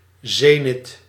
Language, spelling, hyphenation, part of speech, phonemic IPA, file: Dutch, zenit, ze‧nit, noun, /ˈzeːnɪt/, Nl-zenit.ogg
- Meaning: zenith